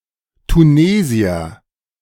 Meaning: Tunisian (person from Tunisia)
- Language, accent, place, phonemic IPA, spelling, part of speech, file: German, Germany, Berlin, /tuˈneːzi̯ɐ/, Tunesier, noun, De-Tunesier.ogg